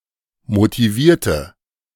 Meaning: inflection of motivieren: 1. first/third-person singular preterite 2. first/third-person singular subjunctive II
- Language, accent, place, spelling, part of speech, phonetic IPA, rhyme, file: German, Germany, Berlin, motivierte, adjective / verb, [motiˈviːɐ̯tə], -iːɐ̯tə, De-motivierte.ogg